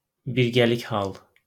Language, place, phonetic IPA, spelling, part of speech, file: Azerbaijani, Baku, [birɡæˈlik hɑɫ], birgəlik hal, noun, LL-Q9292 (aze)-birgəlik hal.wav
- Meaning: comitative case